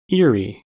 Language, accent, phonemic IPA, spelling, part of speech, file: English, General American, /ˈɪɹi/, eerie, adjective / noun, En-us-eerie.ogg
- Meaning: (adjective) 1. Inspiring fear, especially in a mysterious or shadowy way; strange, weird 2. Frightened, timid; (noun) 1. An eerie creature or thing 2. Alternative spelling of eyrie